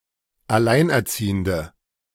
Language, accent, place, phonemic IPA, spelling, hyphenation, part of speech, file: German, Germany, Berlin, /aˈlaɪ̯nʔɛɐ̯ˌt͡siːəndə/, Alleinerziehende, Al‧lein‧er‧zie‧hen‧de, noun, De-Alleinerziehende.ogg
- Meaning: 1. female equivalent of Alleinerziehender: single mother 2. inflection of Alleinerziehender: strong nominative/accusative plural 3. inflection of Alleinerziehender: weak nominative singular